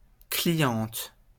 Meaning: female equivalent of client
- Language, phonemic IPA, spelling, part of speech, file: French, /kli.jɑ̃t/, cliente, noun, LL-Q150 (fra)-cliente.wav